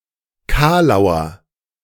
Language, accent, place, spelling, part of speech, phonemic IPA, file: German, Germany, Berlin, Kalauer, noun, /ˈkaːlaʊ̯ɐ/, De-Kalauer.ogg
- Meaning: 1. corny pun 2. mediocre joke, a groaner